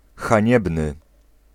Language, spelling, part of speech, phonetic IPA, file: Polish, haniebny, adjective, [xãˈɲɛbnɨ], Pl-haniebny.ogg